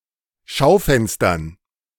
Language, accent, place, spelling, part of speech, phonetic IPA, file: German, Germany, Berlin, Schaufenstern, noun, [ˈʃaʊ̯ˌfɛnstɐn], De-Schaufenstern.ogg
- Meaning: dative plural of Schaufenster